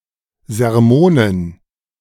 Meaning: dative plural of Sermon
- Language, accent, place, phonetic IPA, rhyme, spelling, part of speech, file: German, Germany, Berlin, [zɛʁˈmoːnən], -oːnən, Sermonen, noun, De-Sermonen.ogg